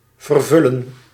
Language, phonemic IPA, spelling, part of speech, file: Dutch, /vərˈvʏlə(n)/, vervullen, verb, Nl-vervullen.ogg
- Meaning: to fulfill